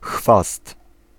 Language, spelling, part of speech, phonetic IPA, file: Polish, chwast, noun, [xfast], Pl-chwast.ogg